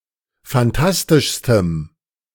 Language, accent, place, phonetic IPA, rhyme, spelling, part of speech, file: German, Germany, Berlin, [fanˈtastɪʃstəm], -astɪʃstəm, phantastischstem, adjective, De-phantastischstem.ogg
- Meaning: strong dative masculine/neuter singular superlative degree of phantastisch